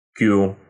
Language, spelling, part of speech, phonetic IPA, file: Russian, кю, noun, [kʲu], Ru-кю.ogg
- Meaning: The Roman letter Q, q